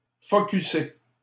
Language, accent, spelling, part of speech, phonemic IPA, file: French, Canada, focusser, verb, /fɔ.ky.se/, LL-Q150 (fra)-focusser.wav
- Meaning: to focus